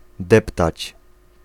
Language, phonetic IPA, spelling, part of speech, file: Polish, [ˈdɛptat͡ɕ], deptać, verb, Pl-deptać.ogg